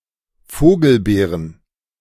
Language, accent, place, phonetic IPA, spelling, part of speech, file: German, Germany, Berlin, [ˈfoːɡl̩ˌbeːʁən], Vogelbeeren, noun, De-Vogelbeeren.ogg
- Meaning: plural of Vogelbeere